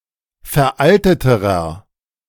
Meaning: inflection of veraltet: 1. strong/mixed nominative masculine singular comparative degree 2. strong genitive/dative feminine singular comparative degree 3. strong genitive plural comparative degree
- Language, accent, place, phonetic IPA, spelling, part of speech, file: German, Germany, Berlin, [fɛɐ̯ˈʔaltətəʁɐ], veralteterer, adjective, De-veralteterer.ogg